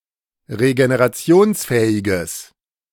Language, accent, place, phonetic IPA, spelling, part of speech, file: German, Germany, Berlin, [ʁeɡeneʁaˈt͡si̯oːnsˌfɛːɪɡəs], regenerationsfähiges, adjective, De-regenerationsfähiges.ogg
- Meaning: strong/mixed nominative/accusative neuter singular of regenerationsfähig